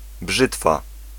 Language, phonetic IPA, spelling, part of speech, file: Polish, [ˈbʒɨtfa], brzytwa, noun, Pl-brzytwa.ogg